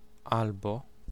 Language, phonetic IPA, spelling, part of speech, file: Polish, [ˈalbɔ], albo, conjunction / particle / noun, Pl-albo.ogg